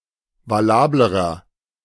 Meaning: inflection of valabel: 1. strong/mixed nominative masculine singular comparative degree 2. strong genitive/dative feminine singular comparative degree 3. strong genitive plural comparative degree
- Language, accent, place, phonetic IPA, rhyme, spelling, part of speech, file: German, Germany, Berlin, [vaˈlaːbləʁɐ], -aːbləʁɐ, valablerer, adjective, De-valablerer.ogg